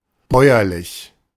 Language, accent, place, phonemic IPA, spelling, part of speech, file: German, Germany, Berlin, /ˈbɔɪ̯ɐlɪç/, bäuerlich, adjective, De-bäuerlich.ogg
- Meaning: rustic